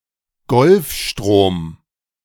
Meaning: Gulf Stream
- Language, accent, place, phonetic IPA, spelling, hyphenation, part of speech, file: German, Germany, Berlin, [ˈɡɔlfʃtʀoːm], Golfstrom, Golf‧strom, proper noun, De-Golfstrom.ogg